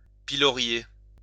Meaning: to pillory
- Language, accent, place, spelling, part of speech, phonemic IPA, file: French, France, Lyon, pilorier, verb, /pi.lɔ.ʁje/, LL-Q150 (fra)-pilorier.wav